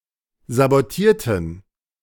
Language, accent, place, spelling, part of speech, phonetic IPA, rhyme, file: German, Germany, Berlin, sabotierten, adjective / verb, [zaboˈtiːɐ̯tn̩], -iːɐ̯tn̩, De-sabotierten.ogg
- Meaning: inflection of sabotieren: 1. first/third-person plural preterite 2. first/third-person plural subjunctive II